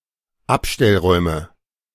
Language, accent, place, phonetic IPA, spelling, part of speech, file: German, Germany, Berlin, [ˈapʃtɛlˌʁɔɪ̯mə], Abstellräume, noun, De-Abstellräume.ogg
- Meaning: nominative/accusative/genitive plural of Abstellraum